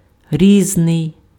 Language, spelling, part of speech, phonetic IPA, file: Ukrainian, різний, adjective, [ˈrʲiznei̯], Uk-різний.ogg
- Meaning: 1. different, dissimilar 2. various, varied, diverse, several